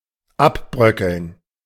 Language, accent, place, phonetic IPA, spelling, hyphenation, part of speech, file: German, Germany, Berlin, [ˈʔapˌbʁœkəln], abbröckeln, ab‧brö‧ckeln, verb, De-abbröckeln.ogg
- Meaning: 1. to crumble away 2. to flake off 3. to decline slightly (of prices)